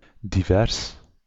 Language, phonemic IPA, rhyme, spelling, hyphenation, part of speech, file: Dutch, /diˈvɛrs/, -ɛrs, divers, di‧vers, adjective, Nl-divers.ogg
- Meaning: 1. diverse 2. several